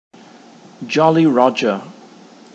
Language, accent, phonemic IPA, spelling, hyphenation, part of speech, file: English, Received Pronunciation, /ˌdʒɒli ˈɹɒdʒə/, Jolly Roger, Jol‧ly Rog‧er, noun, En-uk-Jolly Roger.ogg
- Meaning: The traditional flag used on European and American pirate ships, and, more recently, by submarine crews, often pictured as a white skull and crossbones on a black field; the blackjack